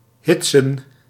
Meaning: 1. synonym of ophitsen (“to egg on, incite”) 2. to chase away, to scare off
- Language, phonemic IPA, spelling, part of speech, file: Dutch, /ˈɦɪt.sə(n)/, hitsen, verb, Nl-hitsen.ogg